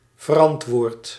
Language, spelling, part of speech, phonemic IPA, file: Dutch, verantwoord, adjective / verb, /vərˈɑntwort/, Nl-verantwoord.ogg
- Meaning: inflection of verantwoorden: 1. first-person singular present indicative 2. second-person singular present indicative 3. imperative